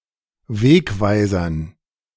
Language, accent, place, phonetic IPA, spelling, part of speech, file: German, Germany, Berlin, [ˈveːkˌvaɪ̯zɐn], Wegweisern, noun, De-Wegweisern.ogg
- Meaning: dative plural of Wegweiser